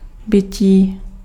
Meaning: 1. verbal noun of být 2. being (the state or fact of existence, consciousness, or life)
- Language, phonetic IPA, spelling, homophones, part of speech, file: Czech, [ˈbɪciː], bytí, bití, noun, Cs-bytí.ogg